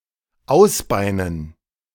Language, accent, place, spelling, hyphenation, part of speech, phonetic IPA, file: German, Germany, Berlin, ausbeinen, aus‧bei‧nen, verb, [ˈʔausˌbaɪnən], De-ausbeinen.ogg
- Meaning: to bone (to remove bones), to debone